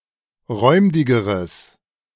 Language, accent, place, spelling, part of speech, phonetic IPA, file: German, Germany, Berlin, räumdigeres, adjective, [ˈʁɔɪ̯mdɪɡəʁəs], De-räumdigeres.ogg
- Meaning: strong/mixed nominative/accusative neuter singular comparative degree of räumdig